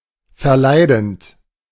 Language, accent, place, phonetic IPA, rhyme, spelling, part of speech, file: German, Germany, Berlin, [fɛɐ̯ˈlaɪ̯dn̩t], -aɪ̯dn̩t, verleidend, verb, De-verleidend.ogg
- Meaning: present participle of verleiden